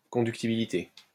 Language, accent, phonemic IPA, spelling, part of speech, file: French, France, /kɔ̃.dyk.ti.bi.li.te/, conductibilité, noun, LL-Q150 (fra)-conductibilité.wav
- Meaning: conductivity